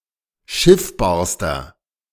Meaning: inflection of schiffbar: 1. strong/mixed nominative masculine singular superlative degree 2. strong genitive/dative feminine singular superlative degree 3. strong genitive plural superlative degree
- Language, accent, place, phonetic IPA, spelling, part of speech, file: German, Germany, Berlin, [ˈʃɪfbaːɐ̯stɐ], schiffbarster, adjective, De-schiffbarster.ogg